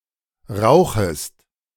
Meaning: second-person singular subjunctive I of rauchen
- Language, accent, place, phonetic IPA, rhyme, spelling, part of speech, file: German, Germany, Berlin, [ˈʁaʊ̯xəst], -aʊ̯xəst, rauchest, verb, De-rauchest.ogg